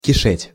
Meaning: 1. to infest, to overrun 2. to swarm, to pullulate 3. to be infested 4. to abound, to be abundant 5. to crawl with
- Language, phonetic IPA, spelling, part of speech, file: Russian, [kʲɪˈʂɛtʲ], кишеть, verb, Ru-кишеть.ogg